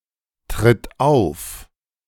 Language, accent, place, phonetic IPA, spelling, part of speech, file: German, Germany, Berlin, [ˌtʁɪt ˈaʊ̯f], tritt auf, verb, De-tritt auf.ogg
- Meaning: inflection of auftreten: 1. third-person singular present 2. singular imperative